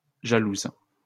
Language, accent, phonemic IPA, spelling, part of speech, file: French, France, /ʒa.luz/, jalouse, adjective / verb, LL-Q150 (fra)-jalouse.wav
- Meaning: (adjective) feminine singular of jaloux; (verb) inflection of jalouser: 1. first/third-person singular present indicative/subjunctive 2. second-person singular imperative